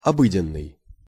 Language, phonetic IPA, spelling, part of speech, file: Russian, [ɐˈbɨdʲɪn(ː)ɨj], обыденный, adjective, Ru-обыденный.ogg
- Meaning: ordinary, commonplace, everyday